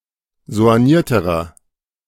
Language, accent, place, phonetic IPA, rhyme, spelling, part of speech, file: German, Germany, Berlin, [zo̯anˈjiːɐ̯təʁɐ], -iːɐ̯təʁɐ, soignierterer, adjective, De-soignierterer.ogg
- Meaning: inflection of soigniert: 1. strong/mixed nominative masculine singular comparative degree 2. strong genitive/dative feminine singular comparative degree 3. strong genitive plural comparative degree